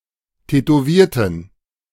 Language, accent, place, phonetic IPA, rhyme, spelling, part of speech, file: German, Germany, Berlin, [tɛtoˈviːɐ̯tn̩], -iːɐ̯tn̩, tätowierten, adjective / verb, De-tätowierten.ogg
- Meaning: inflection of tätowieren: 1. first/third-person plural preterite 2. first/third-person plural subjunctive II